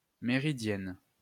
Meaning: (adjective) feminine singular of méridien; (noun) 1. méridienne 2. afternoon nap
- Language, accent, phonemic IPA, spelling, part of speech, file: French, France, /me.ʁi.djɛn/, méridienne, adjective / noun, LL-Q150 (fra)-méridienne.wav